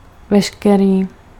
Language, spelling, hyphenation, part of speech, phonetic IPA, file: Czech, veškerý, ve‧š‧ke‧rý, pronoun, [ˈvɛʃkɛriː], Cs-veškerý.ogg
- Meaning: all